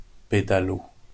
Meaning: pedalo
- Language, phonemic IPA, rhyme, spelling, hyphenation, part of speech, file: French, /pe.da.lo/, -o, pédalo, pé‧da‧lo, noun, LL-Q150 (fra)-pédalo.wav